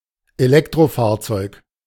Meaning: electric vehicle
- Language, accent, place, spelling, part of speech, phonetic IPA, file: German, Germany, Berlin, Elektrofahrzeug, noun, [eˈlɛktʁoˌfaːɐ̯t͡sɔɪ̯k], De-Elektrofahrzeug.ogg